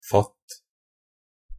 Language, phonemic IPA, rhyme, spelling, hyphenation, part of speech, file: Norwegian Bokmål, /fat/, -at, fatt, fatt, verb, Nb-fatt.ogg
- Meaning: imperative of fatte